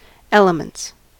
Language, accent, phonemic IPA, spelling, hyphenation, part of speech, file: English, US, /ˈɛləmənts/, elements, el‧e‧ments, noun, En-us-elements.ogg
- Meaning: 1. plural of element 2. The weather, such as wind or rain; environmental conditions considered as a source of danger, wear, etc 3. The basic tenets of an area of knowledge, basics, fundamentals